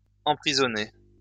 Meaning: past participle of emprisonner
- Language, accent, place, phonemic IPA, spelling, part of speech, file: French, France, Lyon, /ɑ̃.pʁi.zɔ.ne/, emprisonné, verb, LL-Q150 (fra)-emprisonné.wav